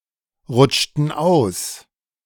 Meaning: inflection of ausrutschen: 1. first/third-person plural preterite 2. first/third-person plural subjunctive II
- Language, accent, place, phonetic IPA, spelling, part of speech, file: German, Germany, Berlin, [ˌʁʊt͡ʃtn̩ ˈaʊ̯s], rutschten aus, verb, De-rutschten aus.ogg